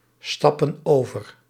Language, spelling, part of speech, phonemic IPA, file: Dutch, stappen over, verb, /ˈstɑpə(n) ˈovər/, Nl-stappen over.ogg
- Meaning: inflection of overstappen: 1. plural present indicative 2. plural present subjunctive